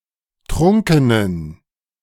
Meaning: inflection of trunken: 1. strong genitive masculine/neuter singular 2. weak/mixed genitive/dative all-gender singular 3. strong/weak/mixed accusative masculine singular 4. strong dative plural
- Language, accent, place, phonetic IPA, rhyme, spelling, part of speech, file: German, Germany, Berlin, [ˈtʁʊŋkənən], -ʊŋkənən, trunkenen, adjective, De-trunkenen.ogg